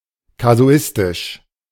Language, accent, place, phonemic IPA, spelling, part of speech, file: German, Germany, Berlin, /kaˈzu̯ɪstɪʃ/, kasuistisch, adjective, De-kasuistisch.ogg
- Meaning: casuistic